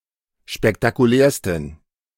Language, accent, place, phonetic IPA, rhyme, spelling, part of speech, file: German, Germany, Berlin, [ʃpɛktakuˈlɛːɐ̯stn̩], -ɛːɐ̯stn̩, spektakulärsten, adjective, De-spektakulärsten.ogg
- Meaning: 1. superlative degree of spektakulär 2. inflection of spektakulär: strong genitive masculine/neuter singular superlative degree